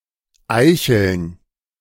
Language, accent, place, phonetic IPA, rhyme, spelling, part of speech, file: German, Germany, Berlin, [ˈaɪ̯çl̩n], -aɪ̯çl̩n, Eicheln, noun, De-Eicheln.ogg
- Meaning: plural of Eichel